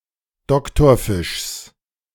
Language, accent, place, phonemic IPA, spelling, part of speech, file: German, Germany, Berlin, /ˈdɔktɔɐ̯fɪʃs/, Doktorfischs, noun, De-Doktorfischs.ogg
- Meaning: genitive singular of Doktorfisch